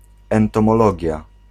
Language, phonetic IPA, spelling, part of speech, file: Polish, [ˌɛ̃ntɔ̃mɔˈlɔɟja], entomologia, noun, Pl-entomologia.ogg